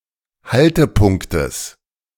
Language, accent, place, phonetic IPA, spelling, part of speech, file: German, Germany, Berlin, [ˈhaltəˌpʊŋktəs], Haltepunktes, noun, De-Haltepunktes.ogg
- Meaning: genitive singular of Haltepunkt